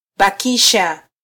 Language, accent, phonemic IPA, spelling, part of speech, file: Swahili, Kenya, /ɓɑˈki.ʃɑ/, bakisha, verb, Sw-ke-bakisha.flac
- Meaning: Causative form of -baki